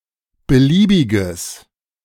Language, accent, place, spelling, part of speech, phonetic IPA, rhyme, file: German, Germany, Berlin, beliebiges, adjective, [bəˈliːbɪɡəs], -iːbɪɡəs, De-beliebiges.ogg
- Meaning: strong/mixed nominative/accusative neuter singular of beliebig